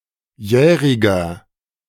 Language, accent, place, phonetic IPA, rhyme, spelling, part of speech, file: German, Germany, Berlin, [ˈjɛːʁɪɡɐ], -ɛːʁɪɡɐ, jähriger, adjective, De-jähriger.ogg
- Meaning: inflection of jährig: 1. strong/mixed nominative masculine singular 2. strong genitive/dative feminine singular 3. strong genitive plural